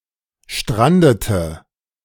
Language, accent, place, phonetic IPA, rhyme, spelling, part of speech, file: German, Germany, Berlin, [ˈʃtʁandətə], -andətə, strandete, verb, De-strandete.ogg
- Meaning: inflection of stranden: 1. first/third-person singular preterite 2. first/third-person singular subjunctive II